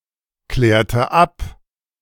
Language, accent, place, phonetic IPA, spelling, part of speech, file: German, Germany, Berlin, [ˌklɛːɐ̯tə ˈap], klärte ab, verb, De-klärte ab.ogg
- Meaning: inflection of abklären: 1. first/third-person singular preterite 2. first/third-person singular subjunctive II